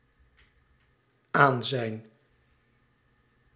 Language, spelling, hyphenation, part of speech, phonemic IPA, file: Dutch, aanzijn, aan‧zijn, noun / verb, /ˈaːn.zɛi̯n/, Nl-aanzijn.ogg
- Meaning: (noun) presence; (verb) 1. to visit, to go to 2. to insist